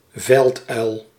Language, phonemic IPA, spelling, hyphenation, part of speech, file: Dutch, /ˈvɛlt.œy̯l/, velduil, veld‧uil, noun, Nl-velduil.ogg
- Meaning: short-eared owl (Asio flammeus)